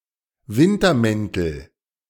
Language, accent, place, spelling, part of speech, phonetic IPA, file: German, Germany, Berlin, Wintermäntel, noun, [ˈvɪntɐˌmɛntl̩], De-Wintermäntel.ogg
- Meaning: nominative/accusative/genitive plural of Wintermantel